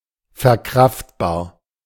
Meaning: manageable
- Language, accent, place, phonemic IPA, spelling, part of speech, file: German, Germany, Berlin, /fɛɐ̯ˈkʁaftbaːɐ̯/, verkraftbar, adjective, De-verkraftbar.ogg